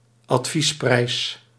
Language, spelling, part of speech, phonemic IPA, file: Dutch, adviesprijs, noun, /ɑtˈfisprɛɪs/, Nl-adviesprijs.ogg
- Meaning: list price, recommended retail price